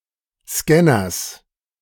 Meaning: genitive singular of Scanner
- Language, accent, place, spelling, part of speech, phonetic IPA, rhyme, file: German, Germany, Berlin, Scanners, noun, [ˈskɛnɐs], -ɛnɐs, De-Scanners.ogg